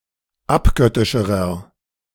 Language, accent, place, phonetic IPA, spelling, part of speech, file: German, Germany, Berlin, [ˈapˌɡœtɪʃəʁɐ], abgöttischerer, adjective, De-abgöttischerer.ogg
- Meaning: inflection of abgöttisch: 1. strong/mixed nominative masculine singular comparative degree 2. strong genitive/dative feminine singular comparative degree 3. strong genitive plural comparative degree